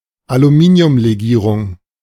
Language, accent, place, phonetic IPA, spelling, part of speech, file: German, Germany, Berlin, [aluˈmiːni̯ʊmleˌɡiːʁʊŋ], Aluminiumlegierung, noun, De-Aluminiumlegierung.ogg
- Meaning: aluminium alloy